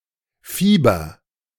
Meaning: inflection of fiebern: 1. first-person singular present 2. singular imperative
- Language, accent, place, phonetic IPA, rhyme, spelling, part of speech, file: German, Germany, Berlin, [ˈfiːbɐ], -iːbɐ, fieber, verb, De-fieber.ogg